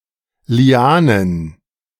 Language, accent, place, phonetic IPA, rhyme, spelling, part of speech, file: German, Germany, Berlin, [liˈaːnən], -aːnən, Lianen, noun, De-Lianen.ogg
- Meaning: plural of Liane